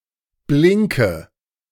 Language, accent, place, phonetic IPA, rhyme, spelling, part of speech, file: German, Germany, Berlin, [ˈblɪŋkə], -ɪŋkə, blinke, verb, De-blinke.ogg
- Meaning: inflection of blinken: 1. first-person singular present 2. first/third-person singular subjunctive I 3. singular imperative